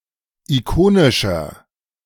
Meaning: inflection of ikonisch: 1. strong/mixed nominative masculine singular 2. strong genitive/dative feminine singular 3. strong genitive plural
- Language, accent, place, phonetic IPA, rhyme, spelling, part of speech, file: German, Germany, Berlin, [iˈkoːnɪʃɐ], -oːnɪʃɐ, ikonischer, adjective, De-ikonischer.ogg